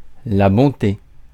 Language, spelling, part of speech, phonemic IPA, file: French, bonté, noun, /bɔ̃.te/, Fr-bonté.ogg
- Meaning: goodness, kindness